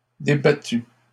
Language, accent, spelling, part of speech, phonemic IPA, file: French, Canada, débattu, verb, /de.ba.ty/, LL-Q150 (fra)-débattu.wav
- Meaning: past participle of débattre